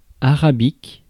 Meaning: Arabian
- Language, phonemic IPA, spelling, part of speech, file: French, /a.ʁa.bik/, arabique, adjective, Fr-arabique.ogg